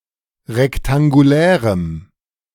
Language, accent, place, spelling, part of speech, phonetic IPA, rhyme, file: German, Germany, Berlin, rektangulärem, adjective, [ʁɛktaŋɡuˈlɛːʁəm], -ɛːʁəm, De-rektangulärem.ogg
- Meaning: strong dative masculine/neuter singular of rektangulär